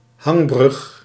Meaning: suspension bridge
- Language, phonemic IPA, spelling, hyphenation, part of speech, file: Dutch, /ˈɦɑŋ.brʏx/, hangbrug, hang‧brug, noun, Nl-hangbrug.ogg